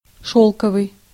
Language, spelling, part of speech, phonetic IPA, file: Russian, шёлковый, adjective, [ˈʂoɫkəvɨj], Ru-шёлковый.ogg
- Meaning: 1. silk; made of silk 2. silky, like silk 3. meek, obedient